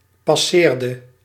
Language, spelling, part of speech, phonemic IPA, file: Dutch, passeerde, verb, /pɑˈserdə/, Nl-passeerde.ogg
- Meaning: inflection of passeren: 1. singular past indicative 2. singular past subjunctive